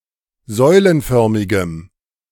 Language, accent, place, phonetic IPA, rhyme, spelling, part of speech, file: German, Germany, Berlin, [ˈzɔɪ̯lənˌfœʁmɪɡəm], -ɔɪ̯lənfœʁmɪɡəm, säulenförmigem, adjective, De-säulenförmigem.ogg
- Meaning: strong dative masculine/neuter singular of säulenförmig